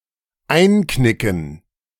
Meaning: 1. to buckle 2. to cave in
- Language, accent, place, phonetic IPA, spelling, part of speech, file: German, Germany, Berlin, [ˈaɪ̯nˌknɪkn̩], einknicken, verb, De-einknicken.ogg